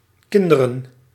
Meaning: plural of kind
- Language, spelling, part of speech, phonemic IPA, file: Dutch, kinderen, noun, /ˈkɪn.də.rə(n)/, Nl-kinderen.ogg